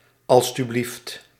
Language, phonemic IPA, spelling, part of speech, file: Dutch, /aʔyˈbe/, a.u.b., interjection, Nl-a.u.b..ogg